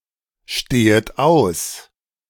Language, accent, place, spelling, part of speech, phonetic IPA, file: German, Germany, Berlin, stehet aus, verb, [ˌʃteːət ˈaʊ̯s], De-stehet aus.ogg
- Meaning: second-person plural subjunctive I of ausstehen